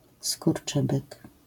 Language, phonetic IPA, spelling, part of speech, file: Polish, [skurˈt͡ʃɨbɨk], skurczybyk, noun, LL-Q809 (pol)-skurczybyk.wav